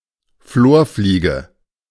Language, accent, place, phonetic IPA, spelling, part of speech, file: German, Germany, Berlin, [ˈfloːɐ̯ˌfliːɡə], Florfliege, noun, De-Florfliege.ogg
- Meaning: green lacewing (Chrysopidae)